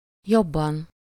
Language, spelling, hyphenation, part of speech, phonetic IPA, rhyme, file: Hungarian, jobban, job‧ban, adverb / adjective / noun, [ˈjobːɒn], -ɒn, Hu-jobban.ogg
- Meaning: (adverb) 1. comparative degree of jól, better (in a better way) 2. comparative degree of nagyon, more (to a higher degree, to a greater extent); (adjective) inessive singular of jobb